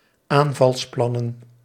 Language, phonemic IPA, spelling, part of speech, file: Dutch, /ˈaɱvɑlsˌplɑnə(n)/, aanvalsplannen, noun, Nl-aanvalsplannen.ogg
- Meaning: plural of aanvalsplan